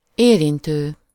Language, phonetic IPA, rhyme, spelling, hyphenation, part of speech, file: Hungarian, [ˈeːrintøː], -tøː, érintő, érin‧tő, verb / noun, Hu-érintő.ogg
- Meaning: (verb) present participle of érint in any of its senses, including: 1. touching 2. concerning, affecting, involving; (noun) tangent line